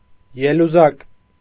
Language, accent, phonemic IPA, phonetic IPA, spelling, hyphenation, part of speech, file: Armenian, Eastern Armenian, /jeluˈzɑk/, [jeluzɑ́k], ելուզակ, ե‧լու‧զակ, noun, Hy-ելուզակ.ogg
- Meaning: robber